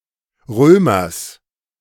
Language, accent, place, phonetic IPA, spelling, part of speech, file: German, Germany, Berlin, [ˈʁøːmɐs], Römers, noun, De-Römers.ogg
- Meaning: genitive singular of Römer